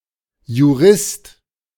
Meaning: jurist
- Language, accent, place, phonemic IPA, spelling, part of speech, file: German, Germany, Berlin, /ju.ˈʁɪst/, Jurist, noun, De-Jurist.ogg